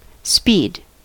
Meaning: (noun) 1. The state of moving quickly or the capacity for rapid motion 2. The rate of motion or action, specifically the magnitude of the velocity; the rate distance is traversed in a given time
- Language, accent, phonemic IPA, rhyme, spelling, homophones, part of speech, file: English, US, /spiːd/, -iːd, speed, Speid, noun / interjection / verb, En-us-speed.ogg